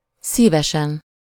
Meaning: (adverb) heartily, gladly, happily, with pleasure; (interjection) you're welcome (as a response to “thank you”); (adjective) superessive singular of szíves
- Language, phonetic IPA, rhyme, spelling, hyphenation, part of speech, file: Hungarian, [ˈsiːvɛʃɛn], -ɛn, szívesen, szí‧ve‧sen, adverb / interjection / adjective, Hu-szívesen.ogg